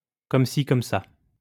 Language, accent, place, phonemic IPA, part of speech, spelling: French, France, Lyon, /kɔm si | kɔm sa/, adverb, comme ci, comme ça
- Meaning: alternative spelling of comme ci comme ça